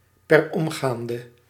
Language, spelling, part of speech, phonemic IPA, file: Dutch, per omgaande, adverb, /pɛrˈɔmɡandə/, Nl-per omgaande.ogg
- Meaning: immediately (ASAP)